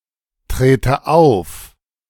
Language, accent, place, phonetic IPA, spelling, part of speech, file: German, Germany, Berlin, [ˌtʁeːtə ˈaʊ̯f], trete auf, verb, De-trete auf.ogg
- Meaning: inflection of auftreten: 1. first-person singular present 2. first/third-person singular subjunctive I